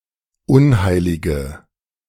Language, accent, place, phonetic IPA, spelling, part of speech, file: German, Germany, Berlin, [ˈʊnˌhaɪ̯lɪɡə], unheilige, adjective, De-unheilige.ogg
- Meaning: inflection of unheilig: 1. strong/mixed nominative/accusative feminine singular 2. strong nominative/accusative plural 3. weak nominative all-gender singular